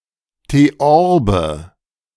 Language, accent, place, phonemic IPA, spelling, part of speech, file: German, Germany, Berlin, /teˈɔʁbə/, Theorbe, noun, De-Theorbe.ogg
- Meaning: theorbo